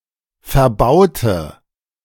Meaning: inflection of verbauen: 1. first/third-person singular preterite 2. first/third-person singular subjunctive II
- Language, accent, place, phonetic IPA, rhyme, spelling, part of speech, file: German, Germany, Berlin, [fɛɐ̯ˈbaʊ̯tə], -aʊ̯tə, verbaute, adjective / verb, De-verbaute.ogg